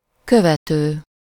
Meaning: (verb) present participle of követ: following, subsequent, succeeding; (adjective) following, tracking; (noun) 1. follower 2. disciple
- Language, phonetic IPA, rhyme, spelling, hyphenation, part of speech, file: Hungarian, [ˈkøvɛtøː], -tøː, követő, kö‧ve‧tő, verb / adjective / noun, Hu-követő.ogg